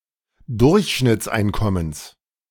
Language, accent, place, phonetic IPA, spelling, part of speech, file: German, Germany, Berlin, [ˈdʊʁçʃnɪt͡sˌʔaɪ̯nkɔməns], Durchschnittseinkommens, noun, De-Durchschnittseinkommens.ogg
- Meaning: genitive singular of Durchschnittseinkommen